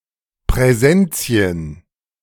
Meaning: plural of Präsens
- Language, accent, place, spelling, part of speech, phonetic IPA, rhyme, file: German, Germany, Berlin, Präsenzien, noun, [pʁɛˈzɛnt͡si̯ən], -ɛnt͡si̯ən, De-Präsenzien.ogg